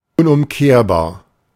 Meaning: irreversible
- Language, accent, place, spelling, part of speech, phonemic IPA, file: German, Germany, Berlin, unumkehrbar, adjective, /ʊnʔʊmˈkeːɐ̯baːɐ̯/, De-unumkehrbar.ogg